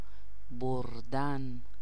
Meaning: 1. to bear; to carry; to take 2. to win 3. to take away 4. to take to wife
- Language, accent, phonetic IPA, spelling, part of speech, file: Persian, Iran, [boɹ.d̪ǽn], بردن, verb, Fa-بردن.ogg